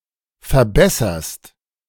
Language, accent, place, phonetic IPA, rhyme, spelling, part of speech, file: German, Germany, Berlin, [fɛɐ̯ˈbɛsɐst], -ɛsɐst, verbesserst, verb, De-verbesserst.ogg
- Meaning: second-person singular present of verbessern